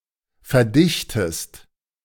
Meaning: inflection of verdichten: 1. second-person singular present 2. second-person singular subjunctive I
- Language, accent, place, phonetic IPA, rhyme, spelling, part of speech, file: German, Germany, Berlin, [fɛɐ̯ˈdɪçtəst], -ɪçtəst, verdichtest, verb, De-verdichtest.ogg